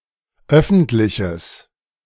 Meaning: strong/mixed nominative/accusative neuter singular of öffentlich
- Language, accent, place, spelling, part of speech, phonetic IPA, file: German, Germany, Berlin, öffentliches, adjective, [ˈœfn̩tlɪçəs], De-öffentliches.ogg